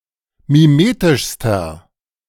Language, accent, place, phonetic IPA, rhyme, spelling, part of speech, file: German, Germany, Berlin, [miˈmeːtɪʃstɐ], -eːtɪʃstɐ, mimetischster, adjective, De-mimetischster.ogg
- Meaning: inflection of mimetisch: 1. strong/mixed nominative masculine singular superlative degree 2. strong genitive/dative feminine singular superlative degree 3. strong genitive plural superlative degree